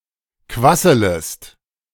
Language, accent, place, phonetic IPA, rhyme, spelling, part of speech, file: German, Germany, Berlin, [ˈkvasələst], -asələst, quasselest, verb, De-quasselest.ogg
- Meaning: second-person singular subjunctive I of quasseln